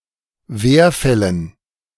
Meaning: dative plural of Werfall
- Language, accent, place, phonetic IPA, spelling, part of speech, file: German, Germany, Berlin, [ˈveːɐ̯ˌfɛlən], Werfällen, noun, De-Werfällen.ogg